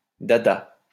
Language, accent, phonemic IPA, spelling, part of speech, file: French, France, /da.da/, dada, noun, LL-Q150 (fra)-dada.wav
- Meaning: 1. horse 2. hobby horse